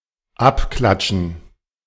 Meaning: 1. dative plural of Abklatsch 2. gerund of abklatschen
- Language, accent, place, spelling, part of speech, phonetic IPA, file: German, Germany, Berlin, Abklatschen, noun, [ˈapˌklatʃn̩], De-Abklatschen.ogg